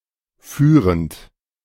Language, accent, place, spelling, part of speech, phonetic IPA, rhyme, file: German, Germany, Berlin, führend, adjective / verb, [ˈfyːʁənt], -yːʁənt, De-führend.ogg
- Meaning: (verb) present participle of führen; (adjective) leading, foremost